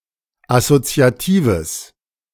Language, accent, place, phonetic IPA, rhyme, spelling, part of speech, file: German, Germany, Berlin, [asot͡si̯aˈtiːvəs], -iːvəs, assoziatives, adjective, De-assoziatives.ogg
- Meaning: strong/mixed nominative/accusative neuter singular of assoziativ